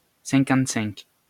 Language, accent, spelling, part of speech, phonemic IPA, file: French, France, cinquante-cinq, numeral, /sɛ̃.kɑ̃t.sɛ̃k/, LL-Q150 (fra)-cinquante-cinq.wav
- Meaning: fifty-five